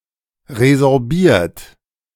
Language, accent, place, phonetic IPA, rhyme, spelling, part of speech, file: German, Germany, Berlin, [ʁezɔʁˈbiːɐ̯t], -iːɐ̯t, resorbiert, verb, De-resorbiert.ogg
- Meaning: past participle of resorbierer - resorbed, reabsorbed